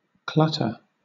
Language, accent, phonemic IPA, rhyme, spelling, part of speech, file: English, Southern England, /ˈklʌtə(ɹ)/, -ʌtə(ɹ), clutter, noun / verb, LL-Q1860 (eng)-clutter.wav
- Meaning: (noun) 1. A confused disordered jumble of things 2. Background echoes, from clouds etc., on a radar or sonar screen 3. Alternative form of clowder 4. Clatter; confused noise 5. A Sperner family